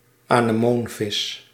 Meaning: anemonefish, clownfish
- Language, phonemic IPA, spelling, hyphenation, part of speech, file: Dutch, /aː.nəˈmoːnˌvɪs/, anemoonvis, ane‧moon‧vis, noun, Nl-anemoonvis.ogg